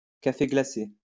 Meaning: iced coffee
- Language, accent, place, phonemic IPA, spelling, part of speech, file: French, France, Lyon, /ka.fe ɡla.se/, café glacé, noun, LL-Q150 (fra)-café glacé.wav